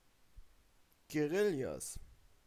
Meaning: 1. genitive singular of Guerilla 2. plural of Guerilla
- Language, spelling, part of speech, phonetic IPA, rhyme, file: German, Guerillas, noun, [ɡeˈʁɪljas], -ɪljas, De-Guerillas.ogg